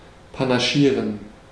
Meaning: to split one's vote
- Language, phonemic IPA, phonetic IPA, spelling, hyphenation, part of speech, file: German, /panaˈʃiːʁen/, [pʰanaˈʃiːɐ̯n], panaschieren, pa‧na‧schie‧ren, verb, De-panaschieren.ogg